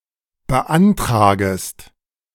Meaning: second-person singular subjunctive I of beantragen
- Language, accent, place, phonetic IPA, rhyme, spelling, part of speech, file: German, Germany, Berlin, [bəˈʔantʁaːɡəst], -antʁaːɡəst, beantragest, verb, De-beantragest.ogg